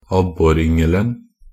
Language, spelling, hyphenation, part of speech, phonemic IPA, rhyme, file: Norwegian Bokmål, abboryngelen, ab‧bor‧yng‧el‧en, noun, /ˈabːɔrʏŋəln̩/, -əln̩, Nb-abboryngelen.ogg
- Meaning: definite singular of abboryngel